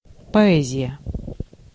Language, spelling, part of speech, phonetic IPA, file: Russian, поэзия, noun, [pɐˈɛzʲɪjə], Ru-поэзия.ogg
- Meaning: 1. poetry 2. charm, elegance, romantic appeal of something